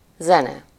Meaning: 1. music (sound, organized in time in a melodious way) 2. musical piece or composition
- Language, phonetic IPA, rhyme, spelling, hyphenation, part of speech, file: Hungarian, [ˈzɛnɛ], -nɛ, zene, ze‧ne, noun, Hu-zene.ogg